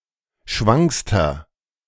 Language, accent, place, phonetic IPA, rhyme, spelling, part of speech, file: German, Germany, Berlin, [ˈʃvaŋkstɐ], -aŋkstɐ, schwankster, adjective, De-schwankster.ogg
- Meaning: inflection of schwank: 1. strong/mixed nominative masculine singular superlative degree 2. strong genitive/dative feminine singular superlative degree 3. strong genitive plural superlative degree